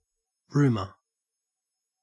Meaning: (noun) 1. UK, Canada, New Zealand, Australia, and Ireland spelling of rumor 2. A prolonged, indistinct noise; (verb) Commonwealth standard spelling of rumor
- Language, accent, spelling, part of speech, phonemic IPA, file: English, Australia, rumour, noun / verb, /ˈɹʉːmə/, En-au-rumour.ogg